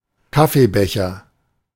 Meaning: coffee mug
- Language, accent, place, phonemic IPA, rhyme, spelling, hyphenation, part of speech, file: German, Germany, Berlin, /ˈkafeˌbɛçɐ/, -ɛçɐ, Kaffeebecher, Kaf‧fee‧be‧cher, noun, De-Kaffeebecher.ogg